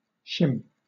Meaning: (noun) 1. A wedge 2. A thin piece of material, sometimes tapered, used for alignment or support
- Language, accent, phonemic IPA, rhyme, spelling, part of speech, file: English, Southern England, /ʃɪm/, -ɪm, shim, noun / verb, LL-Q1860 (eng)-shim.wav